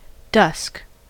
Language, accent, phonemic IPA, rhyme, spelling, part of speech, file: English, US, /dʌsk/, -ʌsk, dusk, adjective / noun / verb, En-us-dusk.ogg
- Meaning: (adjective) Tending to darkness or blackness; moderately dark or black; dusky; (noun) The time after the sun has set but when the sky is still lit by sunlight; the evening twilight period